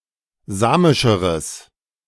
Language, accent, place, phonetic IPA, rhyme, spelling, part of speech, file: German, Germany, Berlin, [ˈzaːmɪʃəʁəs], -aːmɪʃəʁəs, samischeres, adjective, De-samischeres.ogg
- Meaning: strong/mixed nominative/accusative neuter singular comparative degree of samisch